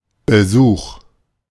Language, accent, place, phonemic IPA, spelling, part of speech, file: German, Germany, Berlin, /bəˈzuːχ/, Besuch, noun, De-Besuch.ogg
- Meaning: 1. visit, call 2. visitor or visitors